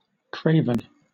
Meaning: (adjective) Unwilling to fight; lacking even the rudiments of courage; extremely cowardly; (noun) A coward; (verb) To make craven
- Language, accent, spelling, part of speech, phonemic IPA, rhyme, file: English, Southern England, craven, adjective / noun / verb, /ˈkɹeɪ.vən/, -eɪvən, LL-Q1860 (eng)-craven.wav